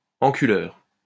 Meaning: 1. buggerer, sodomizer (one who performs anal sex) 2. top (man with a preference for penetrating during homosexual intercourse) 3. cunt, dickhead, asshole, arsehole
- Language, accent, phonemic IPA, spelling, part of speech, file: French, France, /ɑ̃.ky.lœʁ/, enculeur, noun, LL-Q150 (fra)-enculeur.wav